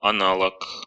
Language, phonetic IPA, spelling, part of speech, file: Russian, [ɐˈnaɫək], аналог, noun, Ru-ана́лог.ogg
- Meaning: 1. analogue 2. counterpart 3. equivalent